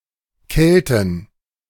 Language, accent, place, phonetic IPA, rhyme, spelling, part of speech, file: German, Germany, Berlin, [ˈkɛltn̩], -ɛltn̩, Kelten, noun, De-Kelten.ogg
- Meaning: inflection of Kelte: 1. genitive/dative/accusative singular 2. nominative/genitive/dative/accusative plural